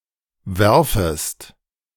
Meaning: second-person singular subjunctive I of werfen
- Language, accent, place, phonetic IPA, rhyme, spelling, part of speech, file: German, Germany, Berlin, [ˈvɛʁfəst], -ɛʁfəst, werfest, verb, De-werfest.ogg